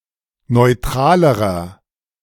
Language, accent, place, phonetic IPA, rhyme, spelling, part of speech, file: German, Germany, Berlin, [nɔɪ̯ˈtʁaːləʁɐ], -aːləʁɐ, neutralerer, adjective, De-neutralerer.ogg
- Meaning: inflection of neutral: 1. strong/mixed nominative masculine singular comparative degree 2. strong genitive/dative feminine singular comparative degree 3. strong genitive plural comparative degree